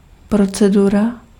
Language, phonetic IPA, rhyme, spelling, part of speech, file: Czech, [ˈprot͡sɛdura], -ura, procedura, noun, Cs-procedura.ogg
- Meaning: procedure